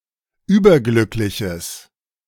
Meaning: strong/mixed nominative/accusative neuter singular of überglücklich
- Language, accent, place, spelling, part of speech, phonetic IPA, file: German, Germany, Berlin, überglückliches, adjective, [ˈyːbɐˌɡlʏklɪçəs], De-überglückliches.ogg